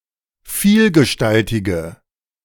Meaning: inflection of vielgestaltig: 1. strong/mixed nominative/accusative feminine singular 2. strong nominative/accusative plural 3. weak nominative all-gender singular
- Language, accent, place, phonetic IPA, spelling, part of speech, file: German, Germany, Berlin, [ˈfiːlɡəˌʃtaltɪɡə], vielgestaltige, adjective, De-vielgestaltige.ogg